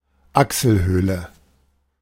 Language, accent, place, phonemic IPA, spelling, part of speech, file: German, Germany, Berlin, /ˈaksəlˌhøːlə/, Achselhöhle, noun, De-Achselhöhle.ogg
- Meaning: armpit